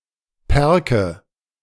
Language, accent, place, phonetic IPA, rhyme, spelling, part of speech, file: German, Germany, Berlin, [ˈpɛʁkə], -ɛʁkə, Pärke, noun, De-Pärke.ogg
- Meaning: nominative/accusative/genitive plural of Park